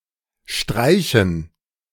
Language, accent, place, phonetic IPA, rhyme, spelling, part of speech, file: German, Germany, Berlin, [ˈʃtʁaɪ̯çn̩], -aɪ̯çn̩, Streichen, noun, De-Streichen.ogg
- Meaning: 1. gerund of streichen 2. dative plural of Streich